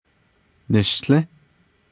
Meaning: first-person singular imperfective of nilį́
- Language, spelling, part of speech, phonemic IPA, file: Navajo, nishłį́, verb, /nɪ̀ʃɬĩ́/, Nv-nishłį́.ogg